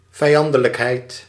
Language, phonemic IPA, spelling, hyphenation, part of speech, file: Dutch, /vɛi̯ˈɑn.də.ləkˌɦɛi̯t/, vijandelijkheid, vij‧an‧de‧lijk‧heid, noun, Nl-vijandelijkheid.ogg
- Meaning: animosity, hostility